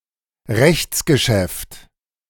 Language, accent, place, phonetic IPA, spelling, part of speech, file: German, Germany, Berlin, [ˈʁɛçt͡sɡəˌʃɛft], Rechtsgeschäft, noun, De-Rechtsgeschäft.ogg